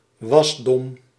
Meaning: 1. the act of growing; growth 2. the act of or maturing
- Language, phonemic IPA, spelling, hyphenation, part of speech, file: Dutch, /ˈwɑsdɔm/, wasdom, was‧dom, noun, Nl-wasdom.ogg